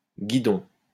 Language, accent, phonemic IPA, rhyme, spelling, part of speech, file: French, France, /ɡi.dɔ̃/, -ɔ̃, guidon, noun, LL-Q150 (fra)-guidon.wav
- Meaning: 1. handlebar (bar used to steer a bicycle, motorbike, or similar vehicles using the hands) 2. guidon (pennant, banner) 3. sight (aiming aid at the end of a gun barrel)